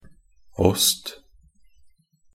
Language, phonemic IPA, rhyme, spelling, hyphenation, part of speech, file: Norwegian Bokmål, /ɔst/, -ɔst, åst, åst, noun, Nb-åst.ogg
- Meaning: love (a profound and caring affection towards someone)